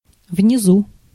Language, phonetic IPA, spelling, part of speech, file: Russian, [vnʲɪˈzu], внизу, adverb, Ru-внизу.ogg
- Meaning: 1. below, underneath 2. at the foot of, at the bottom of 3. downstairs (located downstairs)